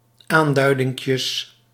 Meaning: plural of aanduidinkje
- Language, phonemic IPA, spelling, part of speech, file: Dutch, /ˈandœydɪŋkjəs/, aanduidinkjes, noun, Nl-aanduidinkjes.ogg